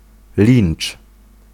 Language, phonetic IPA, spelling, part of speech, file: Polish, [lʲĩn͇t͡ʃ], lincz, noun, Pl-lincz.ogg